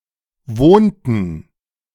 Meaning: inflection of wohnen: 1. first/third-person plural preterite 2. first/third-person plural subjunctive II
- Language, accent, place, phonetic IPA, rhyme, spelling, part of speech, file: German, Germany, Berlin, [ˈvoːntn̩], -oːntn̩, wohnten, verb, De-wohnten.ogg